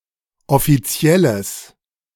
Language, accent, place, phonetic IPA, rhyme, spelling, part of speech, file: German, Germany, Berlin, [ɔfiˈt͡si̯ɛləs], -ɛləs, offizielles, adjective, De-offizielles.ogg
- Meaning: strong/mixed nominative/accusative neuter singular of offiziell